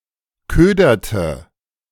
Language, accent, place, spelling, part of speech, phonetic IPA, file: German, Germany, Berlin, köderte, verb, [ˈkøːdɐtə], De-köderte.ogg
- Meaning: inflection of ködern: 1. first/third-person singular preterite 2. first/third-person singular subjunctive II